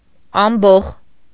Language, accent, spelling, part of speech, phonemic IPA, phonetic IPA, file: Armenian, Eastern Armenian, ամբոխ, noun, /ɑmˈboχ/, [ɑmbóχ], Hy-ամբոխ.ogg
- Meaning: 1. crowd, throng 2. rabble, mob